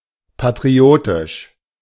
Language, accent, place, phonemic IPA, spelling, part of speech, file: German, Germany, Berlin, /patʁiˈoːtɪʃ/, patriotisch, adjective, De-patriotisch.ogg
- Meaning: patriotic